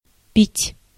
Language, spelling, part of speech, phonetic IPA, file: Russian, пить, verb, [pʲitʲ], Ru-пить.ogg
- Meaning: to drink